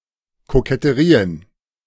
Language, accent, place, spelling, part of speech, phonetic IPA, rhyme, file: German, Germany, Berlin, Koketterien, noun, [kokɛtəˈʁiːən], -iːən, De-Koketterien.ogg
- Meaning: plural of Koketterie